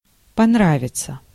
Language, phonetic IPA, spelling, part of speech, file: Russian, [pɐnˈravʲɪt͡sə], понравиться, verb, Ru-понравиться.ogg
- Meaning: to please [with dative ‘someone’] (idiomatically translated by English like with the dative object as the subject)